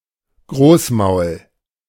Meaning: big mouth, loudmouth
- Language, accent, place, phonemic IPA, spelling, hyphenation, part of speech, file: German, Germany, Berlin, /ˈɡʁoːsˌmaʊ̯l/, Großmaul, Groß‧maul, noun, De-Großmaul.ogg